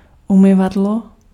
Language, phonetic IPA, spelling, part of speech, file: Czech, [ˈumɪvadlo], umyvadlo, noun, Cs-umyvadlo.ogg
- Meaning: basin, washbasin, sink